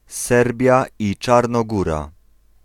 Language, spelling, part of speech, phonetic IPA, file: Polish, Serbia i Czarnogóra, proper noun, [ˈsɛrbʲja ˌi‿t͡ʃarnɔˈɡura], Pl-Serbia i Czarnogóra.ogg